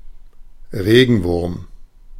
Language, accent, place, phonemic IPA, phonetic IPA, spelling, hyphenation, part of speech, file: German, Germany, Berlin, /ˈreːɡənˌvʊrm/, [ˈʁeːɡŋ̍ˌʋʊɐ̯m], Regenwurm, Re‧gen‧wurm, noun, De-Regenwurm.ogg
- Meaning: earthworm